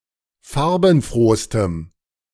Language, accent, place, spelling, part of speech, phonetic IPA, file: German, Germany, Berlin, farbenfrohstem, adjective, [ˈfaʁbn̩ˌfʁoːstəm], De-farbenfrohstem.ogg
- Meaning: strong dative masculine/neuter singular superlative degree of farbenfroh